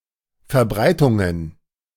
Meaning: plural of Verbreitung
- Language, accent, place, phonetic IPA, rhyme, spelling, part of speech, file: German, Germany, Berlin, [fɛɐ̯ˈbʁaɪ̯tʊŋən], -aɪ̯tʊŋən, Verbreitungen, noun, De-Verbreitungen.ogg